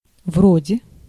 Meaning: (preposition) like, such as, kind of, not unlike, similar to; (particle) as if, it seems
- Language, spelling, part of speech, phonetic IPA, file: Russian, вроде, preposition / particle, [ˈvrodʲe], Ru-вроде.ogg